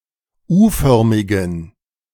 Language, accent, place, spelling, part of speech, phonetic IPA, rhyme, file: German, Germany, Berlin, U-förmigen, adjective, [ˈuːˌfœʁmɪɡn̩], -uːfœʁmɪɡn̩, De-U-förmigen.ogg
- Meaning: inflection of U-förmig: 1. strong genitive masculine/neuter singular 2. weak/mixed genitive/dative all-gender singular 3. strong/weak/mixed accusative masculine singular 4. strong dative plural